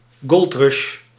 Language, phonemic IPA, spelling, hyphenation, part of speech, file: Dutch, /ˈɡɔlt.rɑʃ/, goldrush, gold‧rush, noun, Nl-goldrush.ogg
- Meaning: gold rush